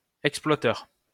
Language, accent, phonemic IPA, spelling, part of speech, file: French, France, /ɛk.splwa.tœʁ/, exploiteur, noun, LL-Q150 (fra)-exploiteur.wav
- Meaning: exploiter